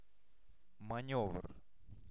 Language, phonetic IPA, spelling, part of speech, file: Russian, [mɐˈnʲɵvr], манёвр, noun, Ru-манёвр.ogg
- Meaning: maneuver (a movement, often one performed with difficulty)